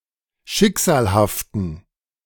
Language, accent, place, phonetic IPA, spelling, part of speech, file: German, Germany, Berlin, [ˈʃɪkz̥aːlhaftn̩], schicksalhaften, adjective, De-schicksalhaften.ogg
- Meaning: inflection of schicksalhaft: 1. strong genitive masculine/neuter singular 2. weak/mixed genitive/dative all-gender singular 3. strong/weak/mixed accusative masculine singular 4. strong dative plural